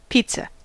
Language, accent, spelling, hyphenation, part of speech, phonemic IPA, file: English, US, pizza, piz‧za, noun, /ˈpi.tsə/, En-us-pizza.ogg
- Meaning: 1. A baked Italian dish of a thinly rolled bread crust typically topped before baking with tomato sauce, cheese, and other ingredients such as meat or vegetables 2. A single instance of this dish